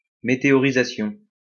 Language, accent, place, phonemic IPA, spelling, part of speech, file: French, France, Lyon, /me.te.ɔ.ʁi.za.sjɔ̃/, météorisation, noun, LL-Q150 (fra)-météorisation.wav
- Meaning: weathering